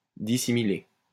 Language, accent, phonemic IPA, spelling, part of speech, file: French, France, /di.si.mi.le/, dissimiler, verb, LL-Q150 (fra)-dissimiler.wav
- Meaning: to dissimilate